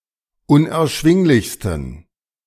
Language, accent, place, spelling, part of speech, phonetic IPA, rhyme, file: German, Germany, Berlin, unerschwinglichsten, adjective, [ʊnʔɛɐ̯ˈʃvɪŋlɪçstn̩], -ɪŋlɪçstn̩, De-unerschwinglichsten.ogg
- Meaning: 1. superlative degree of unerschwinglich 2. inflection of unerschwinglich: strong genitive masculine/neuter singular superlative degree